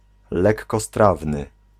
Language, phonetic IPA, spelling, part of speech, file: Polish, [ˌlɛkːɔˈstravnɨ], lekkostrawny, adjective, Pl-lekkostrawny.ogg